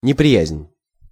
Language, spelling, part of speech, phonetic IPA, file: Russian, неприязнь, noun, [nʲɪprʲɪˈjæzʲnʲ], Ru-неприязнь.ogg
- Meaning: 1. enmity, hostility (hostile or unfriendly disposition) 2. aversion (fixed dislike)